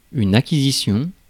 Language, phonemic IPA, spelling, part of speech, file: French, /a.ki.zi.sjɔ̃/, acquisition, noun, Fr-acquisition.ogg
- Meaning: 1. acquisition (fact of acquiring) 2. acquisition (the thing obtained) 3. purchase (the act or process of seeking and obtaining something)